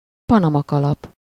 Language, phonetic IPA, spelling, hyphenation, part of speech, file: Hungarian, [ˈpɒnɒmɒkɒlɒp], panamakalap, pa‧na‧ma‧ka‧lap, noun, Hu-panamakalap.ogg
- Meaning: Panama hat